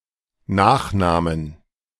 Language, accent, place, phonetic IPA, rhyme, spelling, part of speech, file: German, Germany, Berlin, [ˈnaːxˌnaːmən], -aːxnaːmən, Nachnahmen, noun, De-Nachnahmen.ogg
- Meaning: plural of Nachnahme